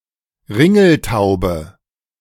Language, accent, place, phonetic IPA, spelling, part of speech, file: German, Germany, Berlin, [ˈʁɪŋl̩ˌtaʊ̯bə], Ringeltaube, noun, De-Ringeltaube.ogg
- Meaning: 1. wood pigeon 2. culver